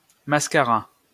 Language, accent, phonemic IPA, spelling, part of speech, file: French, France, /mas.ka.ʁa/, mascara, noun, LL-Q150 (fra)-mascara.wav
- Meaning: mascara